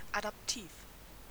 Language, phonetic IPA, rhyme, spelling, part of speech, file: German, [adapˈtiːf], -iːf, adaptiv, adjective, De-adaptiv.ogg
- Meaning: adaptive